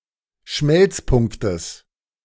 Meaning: genitive singular of Schmelzpunkt
- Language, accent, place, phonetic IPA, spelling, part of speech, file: German, Germany, Berlin, [ˈʃmɛlt͡sˌpʊŋktəs], Schmelzpunktes, noun, De-Schmelzpunktes.ogg